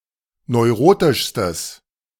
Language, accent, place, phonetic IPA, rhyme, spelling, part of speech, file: German, Germany, Berlin, [nɔɪ̯ˈʁoːtɪʃstəs], -oːtɪʃstəs, neurotischstes, adjective, De-neurotischstes.ogg
- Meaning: strong/mixed nominative/accusative neuter singular superlative degree of neurotisch